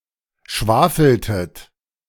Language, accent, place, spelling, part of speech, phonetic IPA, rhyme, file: German, Germany, Berlin, schwafeltet, verb, [ˈʃvaːfl̩tət], -aːfl̩tət, De-schwafeltet.ogg
- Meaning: inflection of schwafeln: 1. second-person plural preterite 2. second-person plural subjunctive II